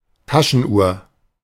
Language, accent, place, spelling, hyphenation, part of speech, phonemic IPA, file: German, Germany, Berlin, Taschenuhr, Ta‧schen‧uhr, noun, /ˈtaʃənˌʔuːɐ̯/, De-Taschenuhr.ogg
- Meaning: pocket watch